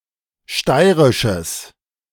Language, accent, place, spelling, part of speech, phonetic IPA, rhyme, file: German, Germany, Berlin, steirisches, adjective, [ˈʃtaɪ̯ʁɪʃəs], -aɪ̯ʁɪʃəs, De-steirisches.ogg
- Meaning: strong/mixed nominative/accusative neuter singular of steirisch